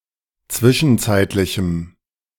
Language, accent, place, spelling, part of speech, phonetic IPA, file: German, Germany, Berlin, zwischenzeitlichem, adjective, [ˈt͡svɪʃn̩ˌt͡saɪ̯tlɪçm̩], De-zwischenzeitlichem.ogg
- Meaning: strong dative masculine/neuter singular of zwischenzeitlich